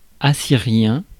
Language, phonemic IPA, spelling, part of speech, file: French, /a.si.ʁjɛ̃/, assyrien, adjective, Fr-assyrien.ogg
- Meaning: Assyrian